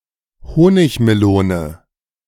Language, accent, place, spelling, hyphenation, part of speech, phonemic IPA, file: German, Germany, Berlin, Honigmelone, Ho‧nig‧me‧lo‧ne, noun, /ˈhoːnɪçməˌloːnə/, De-Honigmelone.ogg
- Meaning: honeydew melon